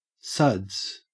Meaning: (noun) 1. Lather; foam or froth formed by mixing soap and water 2. Beer; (verb) To cover with, or as if with, soapsuds
- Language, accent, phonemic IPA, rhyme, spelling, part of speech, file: English, Australia, /sʌdz/, -ʌdz, suds, noun / verb, En-au-suds.ogg